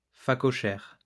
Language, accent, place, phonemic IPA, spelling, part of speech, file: French, France, Lyon, /fa.kɔ.ʃɛʁ/, phacochère, noun, LL-Q150 (fra)-phacochère.wav
- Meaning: warthog